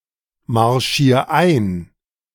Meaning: 1. singular imperative of einmarschieren 2. first-person singular present of einmarschieren
- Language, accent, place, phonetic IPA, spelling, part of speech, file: German, Germany, Berlin, [maʁˌʃiːɐ̯ ˈaɪ̯n], marschier ein, verb, De-marschier ein.ogg